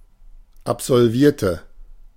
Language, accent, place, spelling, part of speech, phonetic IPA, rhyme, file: German, Germany, Berlin, absolvierte, adjective / verb, [apzɔlˈviːɐ̯tə], -iːɐ̯tə, De-absolvierte.ogg
- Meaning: inflection of absolvieren: 1. first/third-person singular preterite 2. first/third-person singular subjunctive II